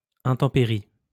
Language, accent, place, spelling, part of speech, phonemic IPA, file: French, France, Lyon, intempérie, noun, /ɛ̃.tɑ̃.pe.ʁi/, LL-Q150 (fra)-intempérie.wav
- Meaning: bad weather, foul weather